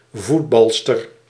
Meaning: female footballer (soccer player)
- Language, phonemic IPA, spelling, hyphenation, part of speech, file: Dutch, /ˈvutˌbɑl.stər/, voetbalster, voet‧bal‧ster, noun, Nl-voetbalster.ogg